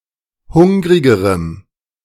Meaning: strong dative masculine/neuter singular comparative degree of hungrig
- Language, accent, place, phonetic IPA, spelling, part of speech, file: German, Germany, Berlin, [ˈhʊŋʁɪɡəʁəm], hungrigerem, adjective, De-hungrigerem.ogg